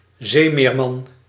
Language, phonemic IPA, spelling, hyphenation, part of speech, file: Dutch, /ˈzeː.meːrˌmɑn/, zeemeerman, zee‧meer‧man, noun, Nl-zeemeerman.ogg
- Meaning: merman